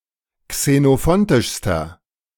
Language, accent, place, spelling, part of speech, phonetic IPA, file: German, Germany, Berlin, xenophontischster, adjective, [ksenoˈfɔntɪʃstɐ], De-xenophontischster.ogg
- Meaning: inflection of xenophontisch: 1. strong/mixed nominative masculine singular superlative degree 2. strong genitive/dative feminine singular superlative degree